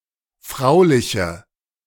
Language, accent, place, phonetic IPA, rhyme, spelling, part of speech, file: German, Germany, Berlin, [ˈfʁaʊ̯lɪçə], -aʊ̯lɪçə, frauliche, adjective, De-frauliche.ogg
- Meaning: inflection of fraulich: 1. strong/mixed nominative/accusative feminine singular 2. strong nominative/accusative plural 3. weak nominative all-gender singular